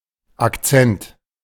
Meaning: 1. accent (modulation of the voice) 2. accent (stress mark)
- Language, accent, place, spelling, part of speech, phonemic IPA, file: German, Germany, Berlin, Akzent, noun, /akˈt͡sɛnt/, De-Akzent.ogg